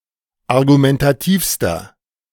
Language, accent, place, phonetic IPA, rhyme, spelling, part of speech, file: German, Germany, Berlin, [aʁɡumɛntaˈtiːfstɐ], -iːfstɐ, argumentativster, adjective, De-argumentativster.ogg
- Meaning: inflection of argumentativ: 1. strong/mixed nominative masculine singular superlative degree 2. strong genitive/dative feminine singular superlative degree 3. strong genitive plural superlative degree